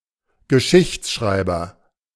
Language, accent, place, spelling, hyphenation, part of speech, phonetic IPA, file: German, Germany, Berlin, Geschichtsschreiber, Ge‧schichts‧schrei‧ber, noun, [ɡəˈʃɪçt͡sʃʀaɪ̯bɐ], De-Geschichtsschreiber.ogg
- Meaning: chronicler, historiographer, historian